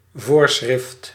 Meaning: prescription, regulation
- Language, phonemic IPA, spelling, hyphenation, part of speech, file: Dutch, /ˈvoːr.sxrɪft/, voorschrift, voor‧schrift, noun, Nl-voorschrift.ogg